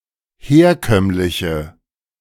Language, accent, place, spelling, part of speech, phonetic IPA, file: German, Germany, Berlin, herkömmliche, adjective, [ˈheːɐ̯ˌkœmlɪçə], De-herkömmliche.ogg
- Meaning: inflection of herkömmlich: 1. strong/mixed nominative/accusative feminine singular 2. strong nominative/accusative plural 3. weak nominative all-gender singular